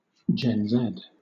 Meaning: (proper noun) Clipping of Generation Z; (noun) Synonym of Gen-Zer
- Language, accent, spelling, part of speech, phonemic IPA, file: English, Southern England, Gen Z, proper noun / noun, /ˌd͡ʒɛn ˈzɛd/, LL-Q1860 (eng)-Gen Z.wav